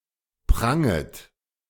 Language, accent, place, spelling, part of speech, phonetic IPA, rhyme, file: German, Germany, Berlin, pranget, verb, [ˈpʁaŋət], -aŋət, De-pranget.ogg
- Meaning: second-person plural subjunctive I of prangen